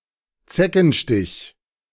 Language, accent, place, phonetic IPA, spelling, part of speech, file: German, Germany, Berlin, [ˈt͡sɛkn̩ˌʃtɪç], Zeckenstich, noun, De-Zeckenstich.ogg
- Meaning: tick bite